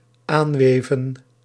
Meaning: 1. to extend by weaving 2. to connect by weaving
- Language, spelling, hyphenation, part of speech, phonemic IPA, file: Dutch, aanweven, aan‧we‧ven, verb, /ˈaːnˌʋeː.və(n)/, Nl-aanweven.ogg